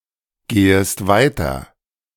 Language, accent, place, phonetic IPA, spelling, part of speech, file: German, Germany, Berlin, [ˌɡeːəst ˈvaɪ̯tɐ], gehest weiter, verb, De-gehest weiter.ogg
- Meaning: second-person singular subjunctive I of weitergehen